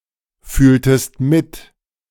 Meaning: inflection of mitfühlen: 1. second-person singular preterite 2. second-person singular subjunctive II
- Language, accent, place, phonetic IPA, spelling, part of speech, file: German, Germany, Berlin, [ˌfyːltəst ˈmɪt], fühltest mit, verb, De-fühltest mit.ogg